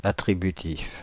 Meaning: predicative
- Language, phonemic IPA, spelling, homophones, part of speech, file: French, /a.tʁi.by.tif/, attributif, attributifs, adjective, Fr-attributif.ogg